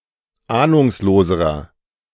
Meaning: inflection of ahnungslos: 1. strong/mixed nominative masculine singular comparative degree 2. strong genitive/dative feminine singular comparative degree 3. strong genitive plural comparative degree
- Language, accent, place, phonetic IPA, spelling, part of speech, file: German, Germany, Berlin, [ˈaːnʊŋsloːzəʁɐ], ahnungsloserer, adjective, De-ahnungsloserer.ogg